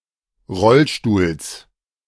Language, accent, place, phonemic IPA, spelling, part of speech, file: German, Germany, Berlin, /ˈʁɔlʃtuːls/, Rollstuhls, noun, De-Rollstuhls.ogg
- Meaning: genitive singular of Rollstuhl